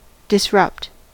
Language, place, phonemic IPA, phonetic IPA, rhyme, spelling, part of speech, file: English, California, /dɪsˈɹʌpt/, [dɪzˈɹʌpt], -ʌpt, disrupt, verb / adjective, En-us-disrupt.ogg
- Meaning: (verb) 1. To throw into confusion or disorder 2. To interrupt or impede 3. To improve a product or service in ways that displace an established one and surprise the market